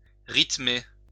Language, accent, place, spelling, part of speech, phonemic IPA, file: French, France, Lyon, rythmer, verb, /ʁit.me/, LL-Q150 (fra)-rythmer.wav
- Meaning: to mark or give a rhythm or beat